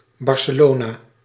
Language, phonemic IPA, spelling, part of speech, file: Dutch, /ˌbɑrsəˈloːnaː/, Barcelona, proper noun, Nl-Barcelona.ogg
- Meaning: Barcelona (the capital city of Catalonia, Spain)